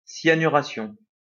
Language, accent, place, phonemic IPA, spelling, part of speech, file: French, France, Lyon, /sja.ny.ʁa.sjɔ̃/, cyanuration, noun, LL-Q150 (fra)-cyanuration.wav
- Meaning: 1. cyanidation 2. cyanation